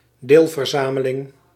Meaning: subset
- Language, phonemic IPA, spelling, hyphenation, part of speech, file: Dutch, /ˈdeːl.vərˌzaː.mə.lɪŋ/, deelverzameling, deel‧ver‧za‧me‧ling, noun, Nl-deelverzameling.ogg